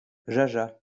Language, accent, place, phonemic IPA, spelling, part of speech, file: French, France, Lyon, /ʒa.ʒa/, jaja, adverb / noun, LL-Q150 (fra)-jaja.wav
- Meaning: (adverb) never in a million years; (noun) table wine